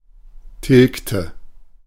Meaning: inflection of tilgen: 1. first/third-person singular preterite 2. first/third-person singular subjunctive II
- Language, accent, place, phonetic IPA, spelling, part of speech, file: German, Germany, Berlin, [ˈtɪlktə], tilgte, verb, De-tilgte.ogg